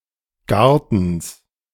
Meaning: genitive singular of Garten
- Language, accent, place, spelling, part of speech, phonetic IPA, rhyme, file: German, Germany, Berlin, Gartens, noun, [ˈɡaʁtn̩s], -aʁtn̩s, De-Gartens.ogg